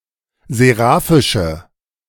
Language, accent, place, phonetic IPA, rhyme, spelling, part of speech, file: German, Germany, Berlin, [zeˈʁaːfɪʃə], -aːfɪʃə, seraphische, adjective, De-seraphische.ogg
- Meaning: inflection of seraphisch: 1. strong/mixed nominative/accusative feminine singular 2. strong nominative/accusative plural 3. weak nominative all-gender singular